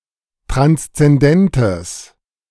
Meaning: strong/mixed nominative/accusative neuter singular of transzendent
- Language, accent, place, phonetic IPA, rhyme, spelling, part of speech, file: German, Germany, Berlin, [ˌtʁanst͡sɛnˈdɛntəs], -ɛntəs, transzendentes, adjective, De-transzendentes.ogg